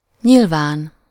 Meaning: obviously
- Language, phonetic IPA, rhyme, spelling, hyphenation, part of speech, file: Hungarian, [ˈɲilvaːn], -aːn, nyilván, nyil‧ván, adverb, Hu-nyilván.ogg